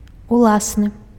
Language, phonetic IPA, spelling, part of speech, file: Belarusian, [uˈɫasnɨ], уласны, adjective, Be-уласны.ogg
- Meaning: one's own